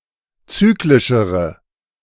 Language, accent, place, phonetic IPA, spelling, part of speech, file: German, Germany, Berlin, [ˈt͡syːklɪʃəʁə], zyklischere, adjective, De-zyklischere.ogg
- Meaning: inflection of zyklisch: 1. strong/mixed nominative/accusative feminine singular comparative degree 2. strong nominative/accusative plural comparative degree